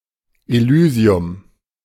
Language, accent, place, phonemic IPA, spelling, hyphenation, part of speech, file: German, Germany, Berlin, /eˈlyːzi̯ʊm/, Elysium, Ely‧si‧um, noun, De-Elysium.ogg
- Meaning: Elysium (home of the blessed after death)